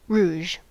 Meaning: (adjective) Of a reddish pink colour; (noun) 1. Red or pink makeup to add colour to the cheeks; blusher 2. Any reddish pink colour
- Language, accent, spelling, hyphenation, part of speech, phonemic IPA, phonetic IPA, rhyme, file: English, US, rouge, rouge, adjective / noun / verb, /ˈɹuːʒ/, [ˈɹʷʊu̯ʒ], -uːʒ, En-us-rouge.ogg